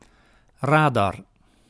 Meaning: radar (detection system operating by means of radio waves)
- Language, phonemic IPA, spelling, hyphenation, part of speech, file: Dutch, /ˈraː.dɑr/, radar, ra‧dar, noun, Nl-radar.ogg